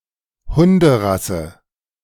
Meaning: dog breed
- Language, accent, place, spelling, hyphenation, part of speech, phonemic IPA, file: German, Germany, Berlin, Hunderasse, Hun‧de‧ras‧se, noun, /ˈhʊndəˌʁasə/, De-Hunderasse.ogg